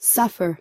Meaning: 1. To undergo hardship 2. To feel pain 3. To become worse 4. To endure, undergo 5. To allow
- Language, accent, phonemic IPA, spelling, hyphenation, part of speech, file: English, US, /ˈsʌfɚ/, suffer, suf‧fer, verb, En-us-suffer.ogg